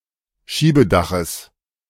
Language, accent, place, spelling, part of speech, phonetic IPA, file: German, Germany, Berlin, Schiebedaches, noun, [ˈʃiːbəˌdaxəs], De-Schiebedaches.ogg
- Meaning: genitive of Schiebedach